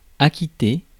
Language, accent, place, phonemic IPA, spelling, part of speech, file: French, France, Paris, /a.ki.te/, acquitter, verb, Fr-acquitter.ogg
- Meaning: 1. to pay 2. to acknowledge (a signal), to notify the receipt of 3. to clear, to acquit 4. to discharge, to complete (one's duty)